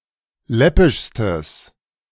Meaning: strong/mixed nominative/accusative neuter singular superlative degree of läppisch
- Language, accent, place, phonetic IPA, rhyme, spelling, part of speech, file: German, Germany, Berlin, [ˈlɛpɪʃstəs], -ɛpɪʃstəs, läppischstes, adjective, De-läppischstes.ogg